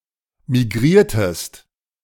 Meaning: inflection of migrieren: 1. second-person singular preterite 2. second-person singular subjunctive II
- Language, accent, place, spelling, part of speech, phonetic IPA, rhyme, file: German, Germany, Berlin, migriertest, verb, [miˈɡʁiːɐ̯təst], -iːɐ̯təst, De-migriertest.ogg